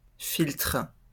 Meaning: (noun) filter; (verb) inflection of filtrer: 1. first/third-person singular present indicative/subjunctive 2. second-person singular imperative
- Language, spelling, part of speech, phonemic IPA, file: French, filtre, noun / verb, /filtʁ/, LL-Q150 (fra)-filtre.wav